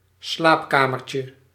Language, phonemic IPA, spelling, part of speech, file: Dutch, /ˈslapkamərcjə/, slaapkamertje, noun, Nl-slaapkamertje.ogg
- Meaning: diminutive of slaapkamer